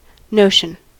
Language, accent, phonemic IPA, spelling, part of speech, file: English, US, /ˈnoʊʃən/, notion, noun, En-us-notion.ogg
- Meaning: 1. Mental apprehension of whatever may be known, thought, or imagined; idea, concept 2. A sentiment; an opinion 3. Sense; mind 4. An invention; an ingenious device; a knickknack